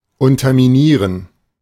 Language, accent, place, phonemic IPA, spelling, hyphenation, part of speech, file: German, Germany, Berlin, /ˌʊntɐmiˈniːʁən/, unterminieren, un‧ter‧mi‧nie‧ren, verb, De-unterminieren.ogg
- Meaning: to undermine